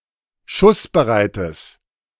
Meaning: strong/mixed nominative/accusative neuter singular of schussbereit
- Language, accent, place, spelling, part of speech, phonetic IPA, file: German, Germany, Berlin, schussbereites, adjective, [ˈʃʊsbəˌʁaɪ̯təs], De-schussbereites.ogg